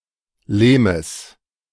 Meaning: genitive singular of Lehm
- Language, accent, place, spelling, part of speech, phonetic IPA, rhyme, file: German, Germany, Berlin, Lehmes, noun, [ˈleːməs], -eːməs, De-Lehmes.ogg